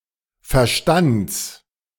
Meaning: genitive singular of Verstand
- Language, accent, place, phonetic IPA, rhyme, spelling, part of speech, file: German, Germany, Berlin, [fɛɐ̯ˈʃtant͡s], -ant͡s, Verstands, noun, De-Verstands.ogg